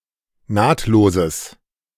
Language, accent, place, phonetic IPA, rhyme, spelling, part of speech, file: German, Germany, Berlin, [ˈnaːtloːzəs], -aːtloːzəs, nahtloses, adjective, De-nahtloses.ogg
- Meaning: strong/mixed nominative/accusative neuter singular of nahtlos